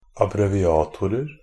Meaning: indefinite plural of abbreviator
- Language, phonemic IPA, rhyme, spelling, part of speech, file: Norwegian Bokmål, /abrɛʋɪˈɑːtʊrər/, -ər, abbreviatorer, noun, NB - Pronunciation of Norwegian Bokmål «abbreviatorer».ogg